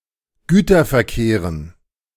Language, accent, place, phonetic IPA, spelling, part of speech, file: German, Germany, Berlin, [ˈɡyːtɐfɛɐ̯ˌkeːʁən], Güterverkehren, noun, De-Güterverkehren.ogg
- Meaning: dative plural of Güterverkehr